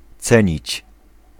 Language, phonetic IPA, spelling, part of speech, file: Polish, [ˈt͡sɛ̃ɲit͡ɕ], cenić, verb, Pl-cenić.ogg